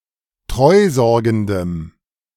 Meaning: strong dative masculine/neuter singular of treusorgend
- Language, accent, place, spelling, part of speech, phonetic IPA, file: German, Germany, Berlin, treusorgendem, adjective, [ˈtʁɔɪ̯ˌzɔʁɡn̩dəm], De-treusorgendem.ogg